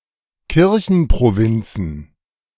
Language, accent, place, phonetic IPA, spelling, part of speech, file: German, Germany, Berlin, [ˈkɪʁçn̩pʁoˌvɪnt͡sn̩], Kirchenprovinzen, noun, De-Kirchenprovinzen.ogg
- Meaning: plural of Kirchenprovinz